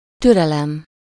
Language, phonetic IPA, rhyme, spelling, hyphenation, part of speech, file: Hungarian, [ˈtyrɛlɛm], -ɛm, türelem, tü‧re‧lem, noun, Hu-türelem.ogg
- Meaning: patience